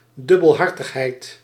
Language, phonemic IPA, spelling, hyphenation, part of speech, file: Dutch, /ˌdʏ.bəlˈɦɑr.təx.ɦɛi̯t/, dubbelhartigheid, dub‧bel‧har‧tig‧heid, noun, Nl-dubbelhartigheid.ogg
- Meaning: duplicity